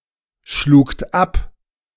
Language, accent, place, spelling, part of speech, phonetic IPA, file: German, Germany, Berlin, schlugt ab, verb, [ˌʃluːkt ˈap], De-schlugt ab.ogg
- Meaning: second-person plural preterite of abschlagen